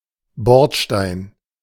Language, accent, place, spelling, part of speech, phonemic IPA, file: German, Germany, Berlin, Bordstein, noun, /ˈbɔʁtˌʃtaɪ̯n/, De-Bordstein.ogg
- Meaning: kerb, curb (raised edge on the pavement / sidewalk)